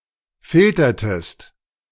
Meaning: inflection of filtern: 1. second-person singular preterite 2. second-person singular subjunctive II
- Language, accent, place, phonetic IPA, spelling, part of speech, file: German, Germany, Berlin, [ˈfɪltɐtəst], filtertest, verb, De-filtertest.ogg